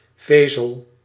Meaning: 1. a fibre (Commonwealth); fiber (US) (single piece/strand of fabric or other material) 2. a dietary fibre
- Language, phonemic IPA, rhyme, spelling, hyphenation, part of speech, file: Dutch, /ˈveː.zəl/, -eːzəl, vezel, ve‧zel, noun, Nl-vezel.ogg